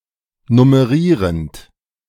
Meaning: present participle of nummerieren
- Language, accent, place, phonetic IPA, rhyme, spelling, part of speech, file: German, Germany, Berlin, [nʊməˈʁiːʁənt], -iːʁənt, nummerierend, verb, De-nummerierend.ogg